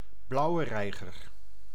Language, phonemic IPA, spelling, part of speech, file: Dutch, /ˌblɑu̯ə ˈrɛi̯ɣər/, blauwe reiger, noun, Nl-blauwe reiger.ogg
- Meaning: the grey heron, the Old World wading bird species Ardea cinerea, of the heron family